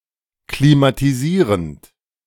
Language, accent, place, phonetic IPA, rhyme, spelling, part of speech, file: German, Germany, Berlin, [klimatiˈziːʁənt], -iːʁənt, klimatisierend, verb, De-klimatisierend.ogg
- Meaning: present participle of klimatisieren